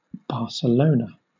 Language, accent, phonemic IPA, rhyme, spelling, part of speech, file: English, Southern England, /ˌbɑːsəˈləʊnə/, -əʊnə, Barcelona, proper noun, LL-Q1860 (eng)-Barcelona.wav
- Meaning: 1. The capital city of Catalonia, Spain 2. A province of Catalonia, Spain 3. A municipality of Rio Grande do Norte, Brazil 4. A hamlet in Pelynt parish, Cornwall, England